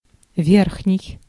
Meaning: upper
- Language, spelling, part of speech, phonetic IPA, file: Russian, верхний, adjective, [ˈvʲerxnʲɪj], Ru-верхний.ogg